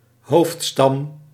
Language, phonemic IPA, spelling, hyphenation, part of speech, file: Dutch, /ˈɦoːft.stɑm/, hoofdstam, hoofd‧stam, noun, Nl-hoofdstam.ogg
- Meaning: 1. a main tree trunk 2. a main tribe; a high-ranking tribe or a higher level of tribal classification